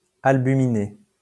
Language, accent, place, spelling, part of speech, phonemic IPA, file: French, France, Lyon, albuminé, adjective, /al.by.mi.ne/, LL-Q150 (fra)-albuminé.wav
- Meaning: albuminous